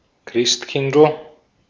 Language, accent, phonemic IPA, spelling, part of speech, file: German, Austria, /ˈkʁɪstˌkɪndl̩/, Christkindl, proper noun / noun, De-at-Christkindl.ogg
- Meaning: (proper noun) diminutive of Christkind